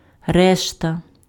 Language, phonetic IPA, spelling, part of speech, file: Ukrainian, [ˈrɛʃtɐ], решта, noun, Uk-решта.ogg
- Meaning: 1. rest, remainder (that which is left over) 2. change (balance of money returned to a purchaser who handed over more than the exact price)